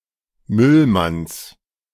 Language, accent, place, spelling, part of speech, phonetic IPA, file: German, Germany, Berlin, Müllmanns, noun, [ˈmʏlˌmans], De-Müllmanns.ogg
- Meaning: genitive of Müllmann